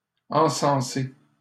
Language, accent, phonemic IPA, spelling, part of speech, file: French, Canada, /ɑ̃.sɑ̃.se/, encenser, verb, LL-Q150 (fra)-encenser.wav
- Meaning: 1. to cense, to incense 2. to acclaim, to sing the praises of